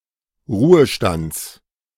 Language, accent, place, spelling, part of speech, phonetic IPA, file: German, Germany, Berlin, Ruhestands, noun, [ˈʁuːəˌʃtant͡s], De-Ruhestands.ogg
- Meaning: genitive singular of Ruhestand